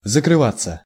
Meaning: 1. to close, to shut 2. passive of закрыва́ть (zakryvátʹ)
- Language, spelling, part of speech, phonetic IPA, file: Russian, закрываться, verb, [zəkrɨˈvat͡sːə], Ru-закрываться.ogg